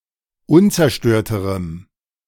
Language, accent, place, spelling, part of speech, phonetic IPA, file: German, Germany, Berlin, unzerstörterem, adjective, [ˈʊnt͡sɛɐ̯ˌʃtøːɐ̯təʁəm], De-unzerstörterem.ogg
- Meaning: strong dative masculine/neuter singular comparative degree of unzerstört